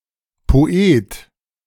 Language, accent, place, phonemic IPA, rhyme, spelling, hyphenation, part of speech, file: German, Germany, Berlin, /poˈeːt/, -eːt, Poet, Po‧et, noun, De-Poet.ogg
- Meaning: poet